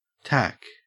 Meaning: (noun) 1. The drug cannabis 2. The clicking sound of a keyboard; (adjective) Abbreviation of tactical
- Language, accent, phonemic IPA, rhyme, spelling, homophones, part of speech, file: English, Australia, /tæk/, -æk, tac, tach / tack, noun / adjective, En-au-tac.ogg